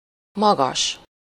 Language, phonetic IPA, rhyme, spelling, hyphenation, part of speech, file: Hungarian, [ˈmɒɡɒʃ], -ɒʃ, magas, ma‧gas, adjective / noun, Hu-magas.ogg
- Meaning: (adjective) high, tall; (noun) 1. a place high above, a place aloft, air, sky (the part of space at a great distance from the surface of the earth) 2. peak (the top or upper part e.g. of a mountain)